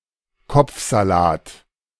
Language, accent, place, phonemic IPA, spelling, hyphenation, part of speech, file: German, Germany, Berlin, /ˈkɔp͡fzaˌlaːt/, Kopfsalat, Kopf‧sa‧lat, noun, De-Kopfsalat.ogg
- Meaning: lettuce